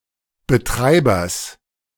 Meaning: genitive singular of Betreiber
- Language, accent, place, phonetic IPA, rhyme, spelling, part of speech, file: German, Germany, Berlin, [bəˈtʁaɪ̯bɐs], -aɪ̯bɐs, Betreibers, noun, De-Betreibers.ogg